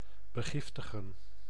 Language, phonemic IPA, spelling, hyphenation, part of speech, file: Dutch, /bəˈɣɪftəɣə(n)/, begiftigen, be‧gif‧ti‧gen, verb, Nl-begiftigen.ogg
- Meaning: to grant, gift